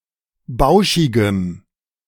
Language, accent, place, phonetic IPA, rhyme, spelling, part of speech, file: German, Germany, Berlin, [ˈbaʊ̯ʃɪɡəm], -aʊ̯ʃɪɡəm, bauschigem, adjective, De-bauschigem.ogg
- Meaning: strong dative masculine/neuter singular of bauschig